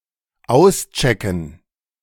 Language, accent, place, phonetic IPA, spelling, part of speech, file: German, Germany, Berlin, [ˈaʊ̯sˌt͡ʃɛkn̩], auschecken, verb, De-auschecken.ogg
- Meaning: to check out (of a hotel or such)